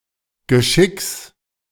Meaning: genitive singular of Geschick
- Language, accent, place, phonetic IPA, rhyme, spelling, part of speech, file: German, Germany, Berlin, [ɡəˈʃɪks], -ɪks, Geschicks, noun, De-Geschicks.ogg